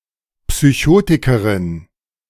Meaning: psychotic
- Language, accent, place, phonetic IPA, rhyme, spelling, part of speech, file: German, Germany, Berlin, [psyˈçoːtɪkəʁɪn], -oːtɪkəʁɪn, Psychotikerin, noun, De-Psychotikerin.ogg